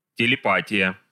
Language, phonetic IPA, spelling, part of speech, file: Russian, [tʲɪlʲɪˈpatʲɪjə], телепатия, noun, Ru-телепатия.ogg
- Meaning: telepathy